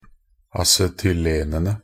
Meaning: definite plural of acetylen
- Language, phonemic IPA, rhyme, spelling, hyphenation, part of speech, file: Norwegian Bokmål, /asɛtʏˈleːnənə/, -ənə, acetylenene, a‧ce‧tyl‧en‧en‧e, noun, Nb-acetylenene.ogg